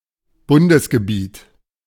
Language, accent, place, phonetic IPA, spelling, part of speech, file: German, Germany, Berlin, [ˈbʊndəsɡəˌbiːt], Bundesgebiet, noun, De-Bundesgebiet.ogg
- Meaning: federal territory